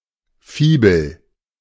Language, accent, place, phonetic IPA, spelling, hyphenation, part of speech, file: German, Germany, Berlin, [ˈfiːbl̩], Fibel, Fi‧bel, noun, De-Fibel.ogg
- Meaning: 1. primer: book for teaching children to read and write 2. primer: introductory manual on any topic 3. fibula (ancient brooch)